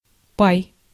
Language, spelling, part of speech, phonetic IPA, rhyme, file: Russian, пай, noun, [paj], -aj, Ru-пай.ogg
- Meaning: share, interest